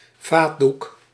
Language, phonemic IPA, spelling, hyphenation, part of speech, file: Dutch, /ˈvaː(t).duk/, vaatdoek, vaat‧doek, noun, Nl-vaatdoek.ogg
- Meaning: dishcloth, dishtowel